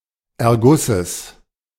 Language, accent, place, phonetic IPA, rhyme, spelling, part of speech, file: German, Germany, Berlin, [ɛɐ̯ˈɡʊsəs], -ʊsəs, Ergusses, noun, De-Ergusses.ogg
- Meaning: genitive singular of Erguss